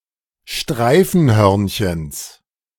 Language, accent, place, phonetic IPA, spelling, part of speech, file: German, Germany, Berlin, [ˈʃtʁaɪ̯fn̩ˌhœʁnçəns], Streifenhörnchens, noun, De-Streifenhörnchens.ogg
- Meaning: genitive singular of Streifenhörnchen